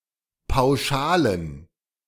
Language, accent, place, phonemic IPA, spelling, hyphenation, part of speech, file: German, Germany, Berlin, /paʊ̯ˈʃaːlən/, Pauschalen, Pau‧scha‧len, noun, De-Pauschalen.ogg
- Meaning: plural of Pauschale